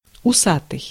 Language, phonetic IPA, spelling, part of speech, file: Russian, [ʊˈsatɨj], усатый, adjective, Ru-усатый.ogg
- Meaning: 1. moustached (having moustache) 2. having whiskers 3. having feelers (antennae)